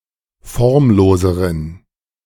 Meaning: inflection of formlos: 1. strong genitive masculine/neuter singular comparative degree 2. weak/mixed genitive/dative all-gender singular comparative degree
- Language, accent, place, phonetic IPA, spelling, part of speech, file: German, Germany, Berlin, [ˈfɔʁmˌloːzəʁən], formloseren, adjective, De-formloseren.ogg